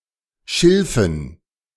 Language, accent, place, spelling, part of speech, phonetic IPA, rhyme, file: German, Germany, Berlin, Schilfen, noun, [ˈʃɪlfn̩], -ɪlfn̩, De-Schilfen.ogg
- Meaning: dative plural of Schilf